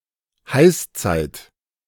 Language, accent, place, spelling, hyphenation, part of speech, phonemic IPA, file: German, Germany, Berlin, Heißzeit, Heiß‧zeit, noun, /ˈhaɪ̯sˌt͡saɪ̯t/, De-Heißzeit.ogg
- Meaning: "hot age" (period of unusually hot temperatures)